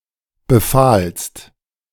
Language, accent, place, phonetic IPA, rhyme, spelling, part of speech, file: German, Germany, Berlin, [bəˈfaːlst], -aːlst, befahlst, verb, De-befahlst.ogg
- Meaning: second-person singular preterite of befehlen